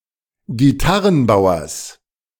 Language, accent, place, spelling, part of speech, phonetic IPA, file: German, Germany, Berlin, Gitarrenbauers, noun, [ɡiˈtaʁənˌbaʊ̯ɐs], De-Gitarrenbauers.ogg
- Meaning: genitive singular of Gitarrenbauer